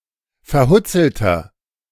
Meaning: 1. comparative degree of verhutzelt 2. inflection of verhutzelt: strong/mixed nominative masculine singular 3. inflection of verhutzelt: strong genitive/dative feminine singular
- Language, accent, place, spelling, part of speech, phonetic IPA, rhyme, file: German, Germany, Berlin, verhutzelter, adjective, [fɛɐ̯ˈhʊt͡sl̩tɐ], -ʊt͡sl̩tɐ, De-verhutzelter.ogg